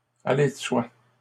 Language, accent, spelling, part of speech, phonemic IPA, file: French, Canada, aller de soi, verb, /a.le də swa/, LL-Q150 (fra)-aller de soi.wav
- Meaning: to be self-evident, to be obvious, to be self-explanatory, to go without saying, to stand to reason